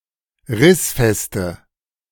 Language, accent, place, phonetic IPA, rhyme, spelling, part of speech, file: German, Germany, Berlin, [ˈʁɪsfɛstə], -ɪsfɛstə, rissfeste, adjective, De-rissfeste.ogg
- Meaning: inflection of rissfest: 1. strong/mixed nominative/accusative feminine singular 2. strong nominative/accusative plural 3. weak nominative all-gender singular